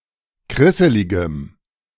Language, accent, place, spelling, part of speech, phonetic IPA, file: German, Germany, Berlin, krisseligem, adjective, [ˈkʁɪsəlɪɡəm], De-krisseligem.ogg
- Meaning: strong dative masculine/neuter singular of krisselig